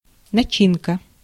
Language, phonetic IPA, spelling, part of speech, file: Russian, [nɐˈt͡ɕinkə], начинка, noun, Ru-начинка.ogg
- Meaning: 1. filling, stuffing (verbal noun of начини́ть (načinítʹ) (nomen actionis instantiae)) 2. internals (internal equipment, parts) (verbal noun of начини́ть (načinítʹ) (nomen obiecti))